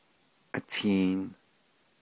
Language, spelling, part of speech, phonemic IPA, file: Navajo, atiin, noun, /ʔɑ̀tʰìːn/, Nv-atiin.ogg
- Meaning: road, trail, track, path